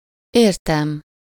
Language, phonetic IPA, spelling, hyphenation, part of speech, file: Hungarian, [ˈeːrtɛm], értem, ér‧tem, pronoun / verb, Hu-értem.ogg
- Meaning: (pronoun) first-person singular of érte; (verb) 1. first-person singular indicative present definite of ért 2. first-person singular indicative past indefinite of ér